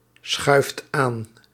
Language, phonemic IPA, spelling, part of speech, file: Dutch, /ˈsxœyft ˈan/, schuift aan, verb, Nl-schuift aan.ogg
- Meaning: inflection of aanschuiven: 1. second/third-person singular present indicative 2. plural imperative